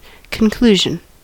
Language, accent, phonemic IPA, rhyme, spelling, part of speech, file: English, General American, /kənˈkluːʒən/, -uːʒən, conclusion, noun, En-us-conclusion.ogg
- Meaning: 1. The end, finish, close or last part of something 2. The outcome or result of a process or act 3. A decision reached after careful thought